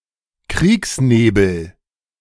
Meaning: fog of war
- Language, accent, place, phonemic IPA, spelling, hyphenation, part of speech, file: German, Germany, Berlin, /ˈkʁiːksˌneːbl̩/, Kriegsnebel, Kriegs‧ne‧bel, noun, De-Kriegsnebel.ogg